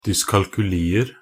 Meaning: indefinite plural of dyskalkuli
- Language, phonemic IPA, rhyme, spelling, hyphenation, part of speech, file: Norwegian Bokmål, /dʏskalkʉliːər/, -iːər, dyskalkulier, dys‧kal‧ku‧li‧er, noun, Nb-dyskalkulier.ogg